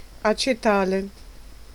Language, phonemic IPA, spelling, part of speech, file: Italian, /at͡ʃeˈtale/, acetale, noun, It-acetale.ogg